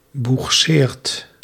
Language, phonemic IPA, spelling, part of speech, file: Dutch, /buxˈsert/, boegseert, verb, Nl-boegseert.ogg
- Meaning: inflection of boegseren: 1. second/third-person singular present indicative 2. plural imperative